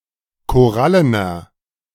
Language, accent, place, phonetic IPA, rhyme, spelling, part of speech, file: German, Germany, Berlin, [koˈʁalənɐ], -alənɐ, korallener, adjective, De-korallener.ogg
- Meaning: inflection of korallen: 1. strong/mixed nominative masculine singular 2. strong genitive/dative feminine singular 3. strong genitive plural